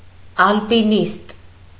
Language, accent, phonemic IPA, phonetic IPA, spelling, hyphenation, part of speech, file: Armenian, Eastern Armenian, /ɑlpiˈnist/, [ɑlpiníst], ալպինիստ, ալ‧պի‧նիստ, noun, Hy-ալպինիստ.ogg
- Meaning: mountaineer, mountain climber, alpinist